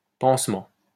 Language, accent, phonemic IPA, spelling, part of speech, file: French, France, /pɑ̃s.mɑ̃/, pansement, noun, LL-Q150 (fra)-pansement.wav
- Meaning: bandage, dressing, sticking plaster